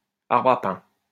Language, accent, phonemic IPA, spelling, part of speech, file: French, France, /aʁ.bʁ‿a pɛ̃/, arbre à pain, noun, LL-Q150 (fra)-arbre à pain.wav
- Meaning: breadfruit (tree)